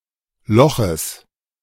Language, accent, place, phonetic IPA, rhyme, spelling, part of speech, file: German, Germany, Berlin, [ˈlɔxəs], -ɔxəs, Loches, noun, De-Loches.ogg
- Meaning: genitive singular of Loch